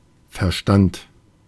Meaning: 1. intellect 2. accord, consensus 3. sense, particular understanding or concept thought agreed upon
- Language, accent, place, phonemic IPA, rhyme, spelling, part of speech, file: German, Germany, Berlin, /fɛɐ̯ˈʃtant/, -ant, Verstand, noun, De-Verstand.ogg